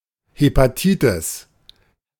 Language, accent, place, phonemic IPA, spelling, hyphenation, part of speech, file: German, Germany, Berlin, /ˌhepaˈtiːtɪs/, Hepatitis, He‧pa‧ti‧tis, noun, De-Hepatitis.ogg
- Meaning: hepatitis